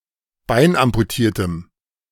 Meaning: strong dative masculine/neuter singular of beinamputiert
- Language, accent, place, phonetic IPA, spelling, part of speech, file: German, Germany, Berlin, [ˈbaɪ̯nʔampuˌtiːɐ̯təm], beinamputiertem, adjective, De-beinamputiertem.ogg